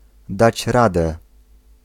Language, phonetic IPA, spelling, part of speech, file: Polish, [ˈdat͡ɕ ˈradɛ], dać radę, phrase, Pl-dać radę.ogg